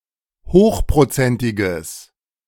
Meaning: strong/mixed nominative/accusative neuter singular of hochprozentig
- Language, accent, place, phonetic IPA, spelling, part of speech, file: German, Germany, Berlin, [ˈhoːxpʁoˌt͡sɛntɪɡəs], hochprozentiges, adjective, De-hochprozentiges.ogg